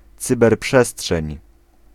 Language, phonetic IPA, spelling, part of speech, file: Polish, [ˌt͡sɨbɛrˈpʃɛsṭʃɛ̃ɲ], cyberprzestrzeń, noun, Pl-cyberprzestrzeń.ogg